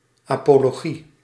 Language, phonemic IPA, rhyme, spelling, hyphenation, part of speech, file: Dutch, /ˌaː.poː.loːˈɣi/, -i, apologie, apo‧lo‧gie, noun, Nl-apologie.ogg
- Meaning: an apology (formal justification, defence)